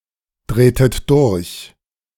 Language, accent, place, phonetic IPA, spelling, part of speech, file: German, Germany, Berlin, [ˌdʁeːtət ˈdʊʁç], drehtet durch, verb, De-drehtet durch.ogg
- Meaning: inflection of durchdrehen: 1. second-person plural preterite 2. second-person plural subjunctive II